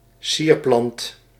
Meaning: ornamental plant
- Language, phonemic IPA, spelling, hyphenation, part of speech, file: Dutch, /ˈsiːr.plɑnt/, sierplant, sier‧plant, noun, Nl-sierplant.ogg